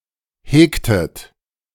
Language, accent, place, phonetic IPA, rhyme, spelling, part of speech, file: German, Germany, Berlin, [ˈheːktət], -eːktət, hegtet, verb, De-hegtet.ogg
- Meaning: inflection of hegen: 1. second-person plural preterite 2. second-person plural subjunctive II